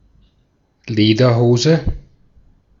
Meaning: 1. Any trousers made of leather 2. A pair of lederhosen, a traditional (mainly Bavarian) kind of knee-breeches in heavy leather, with braces / suspenders 3. A Bavarian person
- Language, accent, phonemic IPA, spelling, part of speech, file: German, Austria, /ˈleːdɐˌhoːzə/, Lederhose, noun, De-at-Lederhose.ogg